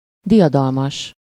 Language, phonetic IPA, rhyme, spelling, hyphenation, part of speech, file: Hungarian, [ˈdijɒdɒlmɒʃ], -ɒʃ, diadalmas, di‧a‧dal‧mas, adjective, Hu-diadalmas.ogg
- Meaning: 1. victorious, triumphant (being the winner in a contest, struggle, war, etc.) 2. victorious, triumphant (of or expressing a sense of victory or triumph)